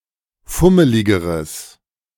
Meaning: strong/mixed nominative/accusative neuter singular comparative degree of fummelig
- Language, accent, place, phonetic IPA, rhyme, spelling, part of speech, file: German, Germany, Berlin, [ˈfʊməlɪɡəʁəs], -ʊməlɪɡəʁəs, fummeligeres, adjective, De-fummeligeres.ogg